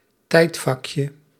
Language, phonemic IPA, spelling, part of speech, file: Dutch, /ˈtɛitfɑkjə/, tijdvakje, noun, Nl-tijdvakje.ogg
- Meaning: diminutive of tijdvak